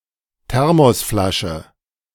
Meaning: Thermos flask, thermos
- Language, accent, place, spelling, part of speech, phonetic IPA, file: German, Germany, Berlin, Thermosflasche, noun, [ˈtɛʁmɔsˌflaʃə], De-Thermosflasche.ogg